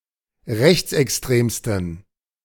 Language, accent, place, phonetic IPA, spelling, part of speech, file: German, Germany, Berlin, [ˈʁɛçt͡sʔɛksˌtʁeːmstn̩], rechtsextremsten, adjective, De-rechtsextremsten.ogg
- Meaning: 1. superlative degree of rechtsextrem 2. inflection of rechtsextrem: strong genitive masculine/neuter singular superlative degree